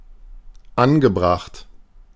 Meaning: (verb) past participle of anbringen; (adjective) apposite, seemly, appropriate
- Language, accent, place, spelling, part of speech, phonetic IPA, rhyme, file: German, Germany, Berlin, angebracht, adjective / verb, [ˈanɡəˌbʁaxt], -anɡəbʁaxt, De-angebracht.ogg